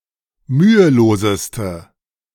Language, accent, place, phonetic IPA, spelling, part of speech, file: German, Germany, Berlin, [ˈmyːəˌloːzəstə], müheloseste, adjective, De-müheloseste.ogg
- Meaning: inflection of mühelos: 1. strong/mixed nominative/accusative feminine singular superlative degree 2. strong nominative/accusative plural superlative degree